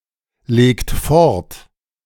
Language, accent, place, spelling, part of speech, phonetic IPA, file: German, Germany, Berlin, legt fort, verb, [ˌleːkt ˈfɔʁt], De-legt fort.ogg
- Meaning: inflection of fortlegen: 1. second-person plural present 2. third-person singular present 3. plural imperative